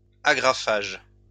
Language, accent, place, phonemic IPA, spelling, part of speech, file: French, France, Lyon, /a.ɡʁa.faʒ/, agrafage, noun, LL-Q150 (fra)-agrafage.wav
- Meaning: stapling